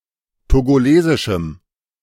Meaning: strong dative masculine/neuter singular of togolesisch
- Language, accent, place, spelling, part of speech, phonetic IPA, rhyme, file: German, Germany, Berlin, togolesischem, adjective, [toɡoˈleːzɪʃm̩], -eːzɪʃm̩, De-togolesischem.ogg